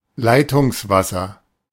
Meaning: tap water
- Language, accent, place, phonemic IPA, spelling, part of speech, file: German, Germany, Berlin, /ˈlaɪ̯tʊŋsˌvasɐ/, Leitungswasser, noun, De-Leitungswasser.ogg